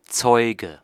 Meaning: 1. witness, wit (slang), deponent, attestor (attester), voucher (male or of unspecified gender) 2. nominative/accusative/genitive plural of Zeug
- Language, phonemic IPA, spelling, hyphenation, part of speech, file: German, /ˈt͡sɔɪ̯ɡə/, Zeuge, Zeu‧ge, noun, De-Zeuge.ogg